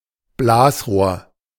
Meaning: blowgun, blowpipe
- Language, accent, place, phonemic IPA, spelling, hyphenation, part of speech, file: German, Germany, Berlin, /ˈblaːsˌʁoːɐ̯/, Blasrohr, Blas‧rohr, noun, De-Blasrohr.ogg